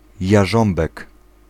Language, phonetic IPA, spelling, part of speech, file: Polish, [jaˈʒɔ̃mbɛk], jarząbek, noun, Pl-jarząbek.ogg